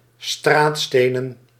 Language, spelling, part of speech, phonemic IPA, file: Dutch, straatstenen, noun, /ˈstratstenə(n)/, Nl-straatstenen.ogg
- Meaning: plural of straatsteen